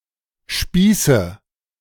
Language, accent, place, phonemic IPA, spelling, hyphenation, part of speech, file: German, Germany, Berlin, /ˈʃpiː.sə/, Spieße, Spie‧ße, noun, De-Spieße.ogg
- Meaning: nominative/accusative/genitive plural of Spieß